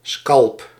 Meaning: scalp (hair-covered skin, especially as a trophy)
- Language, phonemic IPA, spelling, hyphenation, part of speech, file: Dutch, /skɑlp/, scalp, scalp, noun, Nl-scalp.ogg